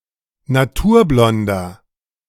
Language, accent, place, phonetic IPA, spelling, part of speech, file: German, Germany, Berlin, [naˈtuːɐ̯ˌblɔndɐ], naturblonder, adjective, De-naturblonder.ogg
- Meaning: inflection of naturblond: 1. strong/mixed nominative masculine singular 2. strong genitive/dative feminine singular 3. strong genitive plural